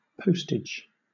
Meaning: 1. The system of transporting letters, and parcels 2. The charge for posting an item 3. The postage stamp, or similar token, affixed to an item of post as evidence of payment
- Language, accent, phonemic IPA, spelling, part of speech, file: English, Southern England, /ˈpəʊstɪd͡ʒ/, postage, noun, LL-Q1860 (eng)-postage.wav